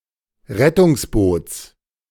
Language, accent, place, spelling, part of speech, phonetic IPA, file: German, Germany, Berlin, Rettungsboots, noun, [ˈʁɛtʊŋsˌboːt͡s], De-Rettungsboots.ogg
- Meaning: genitive singular of Rettungsboot